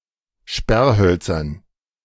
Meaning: dative plural of Sperrholz
- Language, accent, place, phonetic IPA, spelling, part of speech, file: German, Germany, Berlin, [ˈʃpɛʁˌhœlt͡sɐn], Sperrhölzern, noun, De-Sperrhölzern.ogg